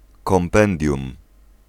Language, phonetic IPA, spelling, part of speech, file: Polish, [kɔ̃mˈpɛ̃ndʲjũm], kompendium, noun, Pl-kompendium.ogg